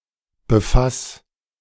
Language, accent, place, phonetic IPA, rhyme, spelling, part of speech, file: German, Germany, Berlin, [bəˈfas], -as, befass, verb, De-befass.ogg
- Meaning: 1. singular imperative of befassen 2. first-person singular present of befassen